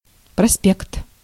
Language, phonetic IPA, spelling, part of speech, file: Russian, [prɐˈspʲekt], проспект, noun, Ru-проспект.ogg
- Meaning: 1. prospekt; avenue (broad street) 2. prospectus, outline 3. booklet, folder, advertisement